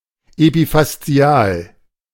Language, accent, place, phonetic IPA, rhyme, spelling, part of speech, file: German, Germany, Berlin, [epifasˈt͡si̯aːl], -aːl, epifaszial, adjective, De-epifaszial.ogg
- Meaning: epifacial